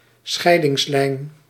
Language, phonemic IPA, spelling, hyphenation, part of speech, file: Dutch, /ˈsxɛi̯.dɪŋsˌlɛi̯n/, scheidingslijn, schei‧dings‧lijn, noun, Nl-scheidingslijn.ogg
- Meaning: borderline, line of separation